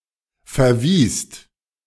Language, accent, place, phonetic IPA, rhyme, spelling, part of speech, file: German, Germany, Berlin, [fɛɐ̯ˈviːst], -iːst, verwiest, verb, De-verwiest.ogg
- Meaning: second-person singular/plural preterite of verweisen